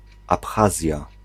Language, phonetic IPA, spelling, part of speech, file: Polish, [apˈxazʲja], Abchazja, proper noun, Pl-Abchazja.ogg